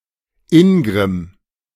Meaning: rage; ire
- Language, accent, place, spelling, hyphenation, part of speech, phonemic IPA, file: German, Germany, Berlin, Ingrimm, In‧grimm, noun, /ˈɪŋɡʁɪm/, De-Ingrimm.ogg